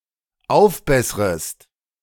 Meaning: second-person singular dependent subjunctive I of aufbessern
- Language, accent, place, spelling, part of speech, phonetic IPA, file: German, Germany, Berlin, aufbessrest, verb, [ˈaʊ̯fˌbɛsʁəst], De-aufbessrest.ogg